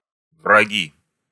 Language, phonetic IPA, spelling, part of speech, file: Russian, [vrɐˈɡʲi], враги, noun, Ru-враги.ogg
- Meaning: nominative plural of враг (vrag)